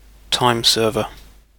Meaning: 1. A person who conforms to current opinions, especially for reasons of personal advantage; an opportunist 2. Someone who performs a job for the required time only, making a minimum of effort
- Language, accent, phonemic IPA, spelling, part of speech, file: English, UK, /ˈtʌɪmˌsəːvə/, timeserver, noun, En-uk-timeserver.ogg